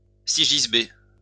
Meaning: cicisbeo
- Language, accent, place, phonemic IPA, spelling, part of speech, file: French, France, Lyon, /si.ʒis.be/, sigisbée, noun, LL-Q150 (fra)-sigisbée.wav